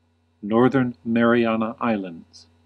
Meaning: An archipelago, commonwealth and dependent territory (technically, an unincorporated territory) of the United States in the Pacific Ocean. Official name: Commonwealth of the Northern Mariana Islands
- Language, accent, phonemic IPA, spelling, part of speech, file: English, US, /ˈnɔɹ.ðɚn ˌmɛɹ.iˈæn.ə ˈaɪ.ləndz/, Northern Mariana Islands, proper noun, En-us-Northern Mariana Islands.ogg